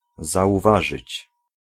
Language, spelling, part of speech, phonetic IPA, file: Polish, zauważyć, verb, [ˌzaʷuˈvaʒɨt͡ɕ], Pl-zauważyć.ogg